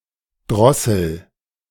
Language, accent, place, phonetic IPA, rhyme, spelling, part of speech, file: German, Germany, Berlin, [ˈdʁɔsl̩], -ɔsl̩, drossel, verb, De-drossel.ogg
- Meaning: inflection of drosseln: 1. first-person singular present 2. singular imperative